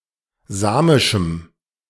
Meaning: strong dative masculine/neuter singular of samisch
- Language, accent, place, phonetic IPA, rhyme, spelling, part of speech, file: German, Germany, Berlin, [ˈzaːmɪʃm̩], -aːmɪʃm̩, samischem, adjective, De-samischem.ogg